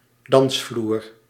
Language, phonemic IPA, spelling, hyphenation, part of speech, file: Dutch, /ˈdɑns.vlur/, dansvloer, dans‧vloer, noun, Nl-dansvloer.ogg
- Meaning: dancefloor